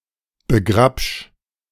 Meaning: 1. singular imperative of begrapschen 2. first-person singular present of begrapschen
- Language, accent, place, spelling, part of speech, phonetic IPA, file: German, Germany, Berlin, begrapsch, verb, [bəˈɡʁapʃ], De-begrapsch.ogg